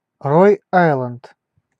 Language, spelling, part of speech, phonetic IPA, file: Russian, Род-Айленд, proper noun, [ˌroˈd‿ajɫɛnt], Ru-Род-Айленд.ogg
- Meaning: Rhode Island (the smallest state of the United States)